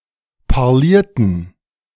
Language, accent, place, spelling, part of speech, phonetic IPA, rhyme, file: German, Germany, Berlin, parlierten, verb, [paʁˈliːɐ̯tn̩], -iːɐ̯tn̩, De-parlierten.ogg
- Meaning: inflection of parlieren: 1. first/third-person plural preterite 2. first/third-person plural subjunctive II